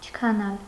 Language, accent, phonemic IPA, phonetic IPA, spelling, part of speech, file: Armenian, Eastern Armenian, /t͡ʃʰəkʰɑˈnɑl/, [t͡ʃʰəkʰɑnɑ́l], չքանալ, verb, Hy-չքանալ.ogg
- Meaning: to vanish, disappear